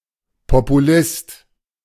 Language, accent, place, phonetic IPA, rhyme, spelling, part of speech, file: German, Germany, Berlin, [popuˈlɪst], -ɪst, Populist, noun, De-Populist.ogg
- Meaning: populist (male or of unspecified sex) (usually in a negative sense, one who opportunistically takes advantage of current popular opinions or emotions)